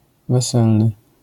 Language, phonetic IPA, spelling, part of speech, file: Polish, [vɛˈsɛlnɨ], weselny, adjective, LL-Q809 (pol)-weselny.wav